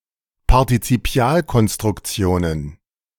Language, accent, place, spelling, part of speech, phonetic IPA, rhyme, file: German, Germany, Berlin, Partizipialkonstruktionen, noun, [paʁtit͡siˈpi̯aːlkɔnstʁʊkˌt͡si̯oːnən], -aːlkɔnstʁʊkt͡si̯oːnən, De-Partizipialkonstruktionen.ogg
- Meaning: plural of Partizipialkonstruktion